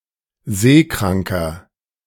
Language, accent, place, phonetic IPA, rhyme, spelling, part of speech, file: German, Germany, Berlin, [ˈzeːˌkʁaŋkɐ], -eːkʁaŋkɐ, seekranker, adjective, De-seekranker.ogg
- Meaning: inflection of seekrank: 1. strong/mixed nominative masculine singular 2. strong genitive/dative feminine singular 3. strong genitive plural